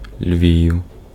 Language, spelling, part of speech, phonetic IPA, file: Ukrainian, Львів, proper noun, [lʲʋʲiu̯], Uk-Львів.ogg
- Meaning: 1. Lviv (a city, the administrative center of Lviv Oblast, in western Ukraine) 2. genitive/accusative plural of Лев (Lev)